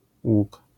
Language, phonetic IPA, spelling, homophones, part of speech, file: Polish, [wuk], ług, łuk, noun, LL-Q809 (pol)-ług.wav